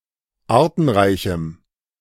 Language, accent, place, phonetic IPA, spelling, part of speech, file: German, Germany, Berlin, [ˈaːɐ̯tn̩ˌʁaɪ̯çm̩], artenreichem, adjective, De-artenreichem.ogg
- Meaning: strong dative masculine/neuter singular of artenreich